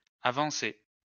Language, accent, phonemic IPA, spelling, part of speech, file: French, France, /a.vɑ̃.se/, avancées, verb, LL-Q150 (fra)-avancées.wav
- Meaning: feminine plural of avancé